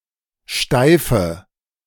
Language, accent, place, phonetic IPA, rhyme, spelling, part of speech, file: German, Germany, Berlin, [ˈʃtaɪ̯fə], -aɪ̯fə, steife, adjective, De-steife.ogg
- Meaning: inflection of steif: 1. strong/mixed nominative/accusative feminine singular 2. strong nominative/accusative plural 3. weak nominative all-gender singular 4. weak accusative feminine/neuter singular